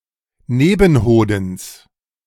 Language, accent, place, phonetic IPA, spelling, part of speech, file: German, Germany, Berlin, [ˈneːbn̩ˌhoːdn̩s], Nebenhodens, noun, De-Nebenhodens.ogg
- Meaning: genitive singular of Nebenhoden